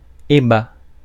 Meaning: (noun) plural of ébat; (verb) inflection of ébattre: 1. first/second-person singular present indicative 2. second-person singular imperative
- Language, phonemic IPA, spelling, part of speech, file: French, /e.ba/, ébats, noun / verb, Fr-ébats.ogg